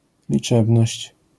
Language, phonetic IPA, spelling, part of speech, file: Polish, [lʲiˈt͡ʃɛbnɔɕt͡ɕ], liczebność, noun, LL-Q809 (pol)-liczebność.wav